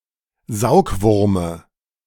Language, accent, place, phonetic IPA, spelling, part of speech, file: German, Germany, Berlin, [ˈzaʊ̯kˌvʊʁmə], Saugwurme, noun, De-Saugwurme.ogg
- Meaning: dative of Saugwurm